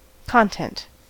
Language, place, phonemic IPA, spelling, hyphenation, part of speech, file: English, California, /ˈkɑn.tɛnt/, content, con‧tent, adjective / noun, En-us-content.ogg
- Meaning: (adjective) Contained; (noun) 1. That which is contained 2. Subject matter; semantic information (or a portion or body thereof); that which is contained in writing, speech, video, etc